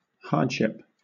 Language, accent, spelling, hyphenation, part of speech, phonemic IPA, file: English, Southern England, hardship, hard‧ship, noun / verb, /ˈhɑːdˌʃɪp/, LL-Q1860 (eng)-hardship.wav
- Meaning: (noun) 1. Difficulty or trouble; hard times 2. A burden, a source of difficulty that could impose a barrier; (verb) To treat (a person) badly; to subject to hardships